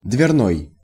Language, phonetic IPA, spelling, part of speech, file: Russian, [dvʲɪrˈnoj], дверной, adjective, Ru-дверной.ogg
- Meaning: door